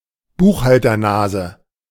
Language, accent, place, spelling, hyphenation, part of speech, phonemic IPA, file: German, Germany, Berlin, Buchhalternase, Buch‧hal‧ter‧na‧se, noun, /ˈbuːxhaltɐˌnaːzə/, De-Buchhalternase.ogg
- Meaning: an oblique stroke in a balance book that is meant to keep the books from being altered after the fact